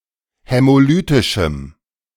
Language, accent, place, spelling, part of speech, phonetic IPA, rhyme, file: German, Germany, Berlin, hämolytischem, adjective, [hɛmoˈlyːtɪʃm̩], -yːtɪʃm̩, De-hämolytischem.ogg
- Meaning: strong dative masculine/neuter singular of hämolytisch